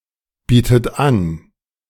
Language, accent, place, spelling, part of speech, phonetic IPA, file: German, Germany, Berlin, bietet an, verb, [ˌbiːtət ˈan], De-bietet an.ogg
- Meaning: inflection of anbieten: 1. third-person singular present 2. second-person plural present 3. second-person plural subjunctive I 4. plural imperative